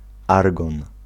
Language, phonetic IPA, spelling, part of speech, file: Polish, [ˈarɡɔ̃n], argon, noun, Pl-argon.ogg